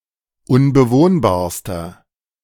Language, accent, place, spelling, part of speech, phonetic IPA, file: German, Germany, Berlin, unbewohnbarster, adjective, [ʊnbəˈvoːnbaːɐ̯stɐ], De-unbewohnbarster.ogg
- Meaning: inflection of unbewohnbar: 1. strong/mixed nominative masculine singular superlative degree 2. strong genitive/dative feminine singular superlative degree 3. strong genitive plural superlative degree